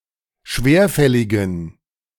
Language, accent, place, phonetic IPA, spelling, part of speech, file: German, Germany, Berlin, [ˈʃveːɐ̯ˌfɛlɪɡn̩], schwerfälligen, adjective, De-schwerfälligen.ogg
- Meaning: inflection of schwerfällig: 1. strong genitive masculine/neuter singular 2. weak/mixed genitive/dative all-gender singular 3. strong/weak/mixed accusative masculine singular 4. strong dative plural